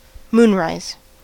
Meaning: The time of day or night when the moon begins to rise over the horizon
- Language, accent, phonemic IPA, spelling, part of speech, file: English, US, /ˈmunˌɹaɪz/, moonrise, noun, En-us-moonrise.ogg